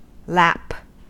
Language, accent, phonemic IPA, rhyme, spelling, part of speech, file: English, General American, /læp/, -æp, lap, noun / verb / adjective, En-us-lap.ogg
- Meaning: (noun) 1. The loose part of a coat; the lower part of a garment that plays loosely; a skirt; an apron 2. An edge; a border; a hem, as of cloth